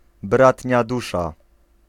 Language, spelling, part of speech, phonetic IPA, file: Polish, bratnia dusza, phrase, [ˈbratʲɲa ˈduʃa], Pl-bratnia dusza.ogg